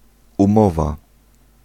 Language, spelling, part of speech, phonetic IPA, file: Polish, umowa, noun, [ũˈmɔva], Pl-umowa.ogg